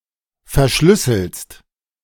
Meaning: second-person singular present of verschlüsseln
- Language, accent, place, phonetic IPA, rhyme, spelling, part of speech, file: German, Germany, Berlin, [fɛɐ̯ˈʃlʏsl̩st], -ʏsl̩st, verschlüsselst, verb, De-verschlüsselst.ogg